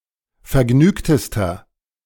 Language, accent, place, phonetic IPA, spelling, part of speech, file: German, Germany, Berlin, [fɛɐ̯ˈɡnyːktəstɐ], vergnügtester, adjective, De-vergnügtester.ogg
- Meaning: inflection of vergnügt: 1. strong/mixed nominative masculine singular superlative degree 2. strong genitive/dative feminine singular superlative degree 3. strong genitive plural superlative degree